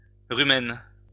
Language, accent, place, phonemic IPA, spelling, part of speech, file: French, France, Lyon, /ʁy.mɛn/, rumen, noun, LL-Q150 (fra)-rumen.wav
- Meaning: rumen (stomach)